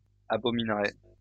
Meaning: third-person plural conditional of abominer
- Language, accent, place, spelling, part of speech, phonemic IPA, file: French, France, Lyon, abomineraient, verb, /a.bɔ.min.ʁɛ/, LL-Q150 (fra)-abomineraient.wav